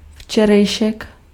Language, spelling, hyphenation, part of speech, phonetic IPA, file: Czech, včerejšek, vče‧rej‧šek, noun, [ˈft͡ʃɛrɛjʃɛk], Cs-včerejšek.ogg
- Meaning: yesterday